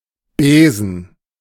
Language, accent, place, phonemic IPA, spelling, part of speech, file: German, Germany, Berlin, /ˈbeː.zn̩/, Besen, noun, De-Besen.ogg
- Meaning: broom